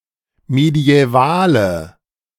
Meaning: inflection of mediäval: 1. strong/mixed nominative/accusative feminine singular 2. strong nominative/accusative plural 3. weak nominative all-gender singular
- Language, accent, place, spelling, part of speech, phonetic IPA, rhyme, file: German, Germany, Berlin, mediävale, adjective, [medi̯ɛˈvaːlə], -aːlə, De-mediävale.ogg